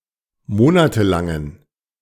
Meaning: inflection of monatelang: 1. strong genitive masculine/neuter singular 2. weak/mixed genitive/dative all-gender singular 3. strong/weak/mixed accusative masculine singular 4. strong dative plural
- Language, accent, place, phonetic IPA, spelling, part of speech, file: German, Germany, Berlin, [ˈmoːnatəˌlaŋən], monatelangen, adjective, De-monatelangen.ogg